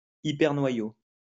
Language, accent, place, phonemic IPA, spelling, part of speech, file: French, France, Lyon, /i.pɛʁ.nwa.jo/, hypernoyau, noun, LL-Q150 (fra)-hypernoyau.wav
- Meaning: hypernucleus